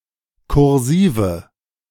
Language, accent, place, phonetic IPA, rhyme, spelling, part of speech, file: German, Germany, Berlin, [kʊʁˈziːvə], -iːvə, kursive, adjective, De-kursive.ogg
- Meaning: inflection of kursiv: 1. strong/mixed nominative/accusative feminine singular 2. strong nominative/accusative plural 3. weak nominative all-gender singular 4. weak accusative feminine/neuter singular